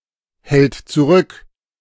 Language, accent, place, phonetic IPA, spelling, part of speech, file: German, Germany, Berlin, [ˌhɛlt t͡suˈʁʏk], hält zurück, verb, De-hält zurück.ogg
- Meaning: third-person singular present of zurückhalten